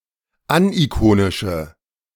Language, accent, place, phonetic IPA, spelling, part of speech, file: German, Germany, Berlin, [ˈanʔiˌkoːnɪʃə], anikonische, adjective, De-anikonische.ogg
- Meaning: inflection of anikonisch: 1. strong/mixed nominative/accusative feminine singular 2. strong nominative/accusative plural 3. weak nominative all-gender singular